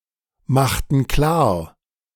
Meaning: inflection of klarmachen: 1. first/third-person plural preterite 2. first/third-person plural subjunctive II
- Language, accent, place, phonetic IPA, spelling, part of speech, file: German, Germany, Berlin, [ˌmaxtn̩ ˈklaːɐ̯], machten klar, verb, De-machten klar.ogg